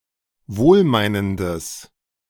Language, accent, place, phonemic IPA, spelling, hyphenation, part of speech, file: German, Germany, Berlin, /ˈvoːlˌmaɪ̯nəndəs/, wohlmeinendes, wohl‧mei‧nen‧des, adjective, De-wohlmeinendes.ogg
- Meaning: strong/mixed nominative/accusative neuter singular of wohlmeinend